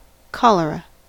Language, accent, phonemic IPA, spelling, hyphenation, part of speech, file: English, US, /ˈkɑləɹə/, cholera, chol‧e‧ra, noun, En-us-cholera.ogg